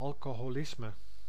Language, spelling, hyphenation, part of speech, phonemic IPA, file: Dutch, alcoholisme, al‧co‧ho‧lis‧me, noun, /ɑl.koː.ɦoːˈlɪs.mə/, Nl-alcoholisme.ogg
- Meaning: alcoholism (addictive alcohol abuse)